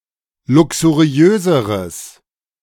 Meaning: strong/mixed nominative/accusative neuter singular comparative degree of luxuriös
- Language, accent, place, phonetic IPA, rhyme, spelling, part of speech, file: German, Germany, Berlin, [ˌlʊksuˈʁi̯øːzəʁəs], -øːzəʁəs, luxuriöseres, adjective, De-luxuriöseres.ogg